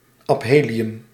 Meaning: aphelion
- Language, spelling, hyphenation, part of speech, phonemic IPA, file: Dutch, aphelium, ap‧he‧li‧um, noun, /ɑpˈɦeː.li.ʏm/, Nl-aphelium.ogg